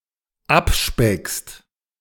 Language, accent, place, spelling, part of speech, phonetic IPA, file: German, Germany, Berlin, abspeckst, verb, [ˈapˌʃpɛkst], De-abspeckst.ogg
- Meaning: second-person singular dependent present of abspecken